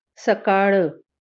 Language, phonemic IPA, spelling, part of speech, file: Marathi, /sə.kaɭ̆/, सकाळ, noun, LL-Q1571 (mar)-सकाळ.wav
- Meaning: morning